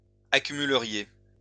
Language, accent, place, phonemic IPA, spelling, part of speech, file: French, France, Lyon, /a.ky.my.lə.ʁje/, accumuleriez, verb, LL-Q150 (fra)-accumuleriez.wav
- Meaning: second-person plural conditional of accumuler